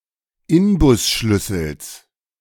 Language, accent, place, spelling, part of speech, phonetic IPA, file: German, Germany, Berlin, Inbusschlüssels, noun, [ˈɪnbʊsˌʃlʏsl̩s], De-Inbusschlüssels.ogg
- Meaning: genitive singular of Inbusschlüssel